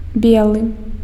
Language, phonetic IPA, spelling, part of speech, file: Belarusian, [ˈbʲeɫɨ], белы, adjective, Be-белы.ogg
- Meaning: white